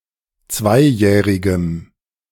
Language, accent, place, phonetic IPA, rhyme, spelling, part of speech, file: German, Germany, Berlin, [ˈt͡svaɪ̯ˌjɛːʁɪɡəm], -aɪ̯jɛːʁɪɡəm, zweijährigem, adjective, De-zweijährigem.ogg
- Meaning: strong dative masculine/neuter singular of zweijährig